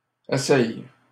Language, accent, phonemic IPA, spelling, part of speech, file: French, Canada, /e.sɛ/, essais, noun, LL-Q150 (fra)-essais.wav
- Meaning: plural of essai